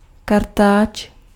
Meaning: brush (for cleaning)
- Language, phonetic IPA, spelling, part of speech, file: Czech, [ˈkartaːt͡ʃ], kartáč, noun, Cs-kartáč.ogg